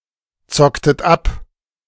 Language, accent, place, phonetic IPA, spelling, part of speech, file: German, Germany, Berlin, [ˌt͡sɔktət ˈap], zocktet ab, verb, De-zocktet ab.ogg
- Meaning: inflection of abzocken: 1. second-person plural preterite 2. second-person plural subjunctive II